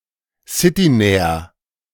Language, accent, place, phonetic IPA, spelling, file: German, Germany, Berlin, [ˈsɪtiˌnɛːɐ], citynäher, De-citynäher.ogg
- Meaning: comparative degree of citynah